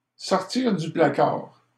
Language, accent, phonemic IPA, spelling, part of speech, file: French, Canada, /sɔʁ.tiʁ dy pla.kaʁ/, sortir du placard, verb, LL-Q150 (fra)-sortir du placard.wav
- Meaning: to come out of the closet, reveal one's homosexuality